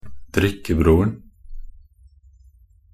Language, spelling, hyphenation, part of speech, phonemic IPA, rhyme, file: Norwegian Bokmål, drikkebroren, drik‧ke‧bror‧en, noun, /ˈdrɪkːəbruːrn̩/, -uːrn̩, Nb-drikkebroren.ogg
- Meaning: definite singular of drikkebror